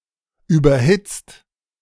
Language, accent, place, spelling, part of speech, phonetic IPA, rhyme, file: German, Germany, Berlin, überhitzt, verb, [ˌyːbɐˈhɪt͡st], -ɪt͡st, De-überhitzt.ogg
- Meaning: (verb) past participle of überhitzten; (adjective) 1. superheated 2. overheated